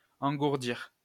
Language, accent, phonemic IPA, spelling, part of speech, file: French, France, /ɑ̃.ɡuʁ.diʁ/, engourdir, verb, LL-Q150 (fra)-engourdir.wav
- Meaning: 1. to numb, make numb 2. to dull, deaden, blunt 3. to go numb, go to sleep